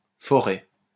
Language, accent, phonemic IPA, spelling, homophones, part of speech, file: French, France, /fɔ.ʁɛ/, foret, forêt, noun, LL-Q150 (fra)-foret.wav
- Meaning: drill bit (driving part of a drill)